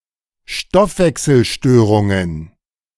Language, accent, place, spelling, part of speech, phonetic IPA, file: German, Germany, Berlin, Stoffwechselstörungen, noun, [ˈʃtɔfvɛksl̩ˌʃtøːʁʊŋən], De-Stoffwechselstörungen.ogg
- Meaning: plural of Stoffwechselstörung